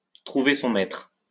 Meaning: to meet one's match, to find one's better (to find someone who is even better (at something) than oneself, to be dealing with someone stronger than oneself)
- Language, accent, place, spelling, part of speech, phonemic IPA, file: French, France, Lyon, trouver son maître, verb, /tʁu.ve sɔ̃ mɛtʁ/, LL-Q150 (fra)-trouver son maître.wav